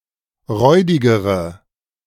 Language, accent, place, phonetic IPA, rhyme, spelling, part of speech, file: German, Germany, Berlin, [ˈʁɔɪ̯dɪɡəʁə], -ɔɪ̯dɪɡəʁə, räudigere, adjective, De-räudigere.ogg
- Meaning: inflection of räudig: 1. strong/mixed nominative/accusative feminine singular comparative degree 2. strong nominative/accusative plural comparative degree